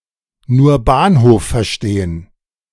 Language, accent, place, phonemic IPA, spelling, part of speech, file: German, Germany, Berlin, /nuːɐ̯ ˈbaːnhoːf fɐˈʃteːən/, nur Bahnhof verstehen, verb, De-nur Bahnhof verstehen.ogg
- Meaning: 1. to understand nothing at all 2. to deliberately not pay attention to a conversation